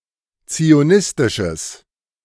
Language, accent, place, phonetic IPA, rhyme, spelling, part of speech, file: German, Germany, Berlin, [t͡sioˈnɪstɪʃəs], -ɪstɪʃəs, zionistisches, adjective, De-zionistisches.ogg
- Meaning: strong/mixed nominative/accusative neuter singular of zionistisch